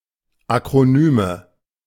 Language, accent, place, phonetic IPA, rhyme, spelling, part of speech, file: German, Germany, Berlin, [akʁoˈnyːmə], -yːmə, Akronyme, noun, De-Akronyme.ogg
- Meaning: nominative/accusative/genitive plural of Akronym